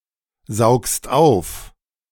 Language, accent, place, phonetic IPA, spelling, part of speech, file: German, Germany, Berlin, [ˌzaʊ̯kst ˈaʊ̯f], saugst auf, verb, De-saugst auf.ogg
- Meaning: second-person singular present of aufsaugen